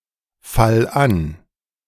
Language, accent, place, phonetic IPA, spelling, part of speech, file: German, Germany, Berlin, [ˌfal ˈan], fall an, verb, De-fall an.ogg
- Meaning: singular imperative of anfallen